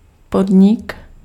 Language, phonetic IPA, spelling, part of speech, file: Czech, [ˈpodɲɪk], podnik, noun, Cs-podnik.ogg
- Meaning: 1. business, enterprise 2. undertaking, enterprise